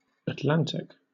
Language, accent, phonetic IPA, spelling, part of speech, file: English, Southern England, [ætˈlæɾ̃.ɪk], Atlantic, proper noun / adjective / noun, LL-Q1860 (eng)-Atlantic.wav
- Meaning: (proper noun) 1. The Atlantic Ocean 2. A phase of the Holocene epoch in the Blytt–Sernander system, extending from approximately 8,000 to 5,000 years before present